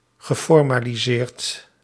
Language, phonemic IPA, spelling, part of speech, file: Dutch, /ɣəˌfɔrmaliˈzert/, geformaliseerd, verb, Nl-geformaliseerd.ogg
- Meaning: past participle of formaliseren